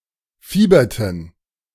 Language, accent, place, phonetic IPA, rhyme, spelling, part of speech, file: German, Germany, Berlin, [ˈfiːbɐtn̩], -iːbɐtn̩, fieberten, verb, De-fieberten.ogg
- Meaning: inflection of fiebern: 1. first/third-person plural preterite 2. first/third-person plural subjunctive II